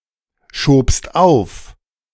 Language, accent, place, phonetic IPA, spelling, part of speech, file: German, Germany, Berlin, [ˌʃoːpst ˈaʊ̯f], schobst auf, verb, De-schobst auf.ogg
- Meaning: second-person singular preterite of aufschieben